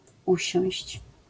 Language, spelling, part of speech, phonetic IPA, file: Polish, usiąść, verb, [ˈuɕɔ̃w̃ɕt͡ɕ], LL-Q809 (pol)-usiąść.wav